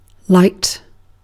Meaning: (noun) Electromagnetic radiation in the wavelength range visible to the human eye (about 400–750 nanometers): visible light
- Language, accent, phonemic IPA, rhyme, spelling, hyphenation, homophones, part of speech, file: English, UK, /laɪt/, -aɪt, light, light, lite, noun / verb / adjective / adverb, En-uk-light.ogg